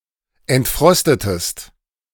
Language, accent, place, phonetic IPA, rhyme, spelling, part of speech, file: German, Germany, Berlin, [ɛntˈfʁɔstətəst], -ɔstətəst, entfrostetest, verb, De-entfrostetest.ogg
- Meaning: inflection of entfrosten: 1. second-person singular preterite 2. second-person singular subjunctive II